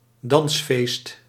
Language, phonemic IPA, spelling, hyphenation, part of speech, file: Dutch, /ˈdɑns.feːst/, dansfeest, dans‧feest, noun, Nl-dansfeest.ogg
- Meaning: party involving dance